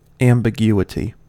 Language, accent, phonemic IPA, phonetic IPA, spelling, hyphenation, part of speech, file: English, US, /ˌæm.bəˈɡju.ə.ti/, [æm.bəˈɡju.ə.ɾi], ambiguity, am‧bi‧gu‧i‧ty, noun, En-us-ambiguity.ogg
- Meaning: The state of being ambiguous; the state of leaving room for more than one interpretation